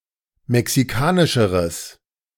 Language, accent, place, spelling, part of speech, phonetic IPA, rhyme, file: German, Germany, Berlin, mexikanischeres, adjective, [mɛksiˈkaːnɪʃəʁəs], -aːnɪʃəʁəs, De-mexikanischeres.ogg
- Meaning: strong/mixed nominative/accusative neuter singular comparative degree of mexikanisch